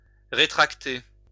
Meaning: to retract, contract
- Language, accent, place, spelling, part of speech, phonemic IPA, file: French, France, Lyon, rétracter, verb, /ʁe.tʁak.te/, LL-Q150 (fra)-rétracter.wav